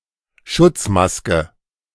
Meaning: protective mask
- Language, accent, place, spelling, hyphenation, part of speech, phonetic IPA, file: German, Germany, Berlin, Schutzmaske, Schutz‧mas‧ke, noun, [ˈʃʊt͡smaskə], De-Schutzmaske.ogg